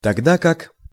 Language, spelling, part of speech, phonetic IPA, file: Russian, тогда как, conjunction, [tɐɡˈda kak], Ru-тогда как.ogg
- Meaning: whereas (but in contrast; whilst on the contrary…)